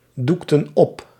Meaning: inflection of opdoeken: 1. plural past indicative 2. plural past subjunctive
- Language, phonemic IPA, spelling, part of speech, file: Dutch, /ˈduktə(n) ˈɔp/, doekten op, verb, Nl-doekten op.ogg